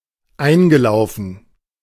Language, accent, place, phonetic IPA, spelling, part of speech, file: German, Germany, Berlin, [ˈaɪ̯nɡəˌlaʊ̯fn̩], eingelaufen, verb, De-eingelaufen.ogg
- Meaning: past participle of einlaufen